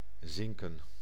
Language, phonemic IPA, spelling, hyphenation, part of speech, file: Dutch, /ˈzɪŋkə(n)/, zinken, zin‧ken, verb / adjective, Nl-zinken.ogg
- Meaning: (verb) to sink; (adjective) made of zinc